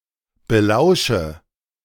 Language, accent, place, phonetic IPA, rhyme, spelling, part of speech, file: German, Germany, Berlin, [bəˈlaʊ̯ʃə], -aʊ̯ʃə, belausche, verb, De-belausche.ogg
- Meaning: inflection of belauschen: 1. first-person singular present 2. first/third-person singular subjunctive I 3. singular imperative